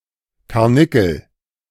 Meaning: rabbit
- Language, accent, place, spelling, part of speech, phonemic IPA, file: German, Germany, Berlin, Karnickel, noun, /kaʁˈnɪkəl/, De-Karnickel.ogg